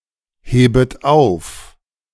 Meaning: second-person plural subjunctive I of aufheben
- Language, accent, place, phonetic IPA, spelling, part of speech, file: German, Germany, Berlin, [ˌheːbət ˈaʊ̯f], hebet auf, verb, De-hebet auf.ogg